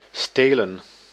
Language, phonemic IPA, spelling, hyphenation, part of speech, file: Dutch, /ˈsteːlə(n)/, stelen, ste‧len, verb / noun, Nl-stelen.ogg
- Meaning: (verb) to steal; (noun) plural of steel